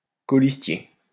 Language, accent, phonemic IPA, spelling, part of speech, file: French, France, /kɔ.lis.tje/, colistier, noun, LL-Q150 (fra)-colistier.wav
- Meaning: a fellow-candidate on a party list; running mate